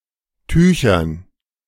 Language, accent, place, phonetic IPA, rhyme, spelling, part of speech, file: German, Germany, Berlin, [ˈtyːçɐn], -yːçɐn, Tüchern, noun, De-Tüchern.ogg
- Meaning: dative plural of Tuch